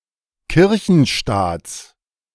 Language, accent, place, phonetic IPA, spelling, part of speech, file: German, Germany, Berlin, [ˈkɪʁçn̩ˌʃtaːt͡s], Kirchenstaats, noun, De-Kirchenstaats.ogg
- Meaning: genitive singular of Kirchenstaat